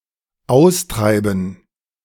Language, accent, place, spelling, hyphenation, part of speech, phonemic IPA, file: German, Germany, Berlin, austreiben, aus‧trei‧ben, verb, /ˈaʊ̯sˌtʁaɪ̯bn̩/, De-austreiben.ogg
- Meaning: to drive out: 1. to drive out to pasture 2. to drive out, to cast out (e.g., people from their land) 3. to remove a component of a liquid